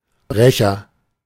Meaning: breaker
- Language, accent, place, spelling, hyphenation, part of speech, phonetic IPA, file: German, Germany, Berlin, Brecher, Bre‧cher, noun, [ˈbʀɛçɐ], De-Brecher.ogg